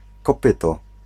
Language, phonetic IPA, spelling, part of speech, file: Polish, [kɔˈpɨtɔ], kopyto, noun, Pl-kopyto.ogg